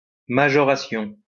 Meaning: increase
- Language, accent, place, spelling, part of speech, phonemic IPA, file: French, France, Lyon, majoration, noun, /ma.ʒɔ.ʁa.sjɔ̃/, LL-Q150 (fra)-majoration.wav